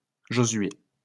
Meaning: 1. Joshua 2. Joshua, the sixth book of the Bible 3. a male given name
- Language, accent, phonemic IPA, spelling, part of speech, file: French, France, /ʒo.zɥe/, Josué, proper noun, LL-Q150 (fra)-Josué.wav